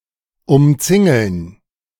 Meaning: to encircle, to surround
- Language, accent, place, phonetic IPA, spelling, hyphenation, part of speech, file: German, Germany, Berlin, [ʊmˈt͡sɪŋl̩n], umzingeln, um‧zin‧geln, verb, De-umzingeln.ogg